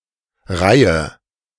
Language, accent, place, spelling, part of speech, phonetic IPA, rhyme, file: German, Germany, Berlin, reihe, verb, [ˈʁaɪ̯ə], -aɪ̯ə, De-reihe.ogg
- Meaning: inflection of reihen: 1. first-person singular present 2. first/third-person singular subjunctive I 3. singular imperative